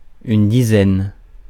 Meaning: 1. a set of ten 2. about ten 3. tens (in arithmetic)
- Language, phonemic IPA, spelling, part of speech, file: French, /di.zɛn/, dizaine, noun, Fr-dizaine.ogg